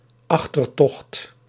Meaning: rearguard
- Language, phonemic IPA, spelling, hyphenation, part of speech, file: Dutch, /ˈɑx.tərˌtɔxt/, achtertocht, ach‧ter‧tocht, noun, Nl-achtertocht.ogg